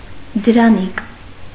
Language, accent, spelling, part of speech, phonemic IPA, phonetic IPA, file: Armenian, Eastern Armenian, դրանիկ, noun, /dəɾɑˈnik/, [dəɾɑník], Hy-դրանիկ.ogg
- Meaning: 1. courtier 2. palatial, court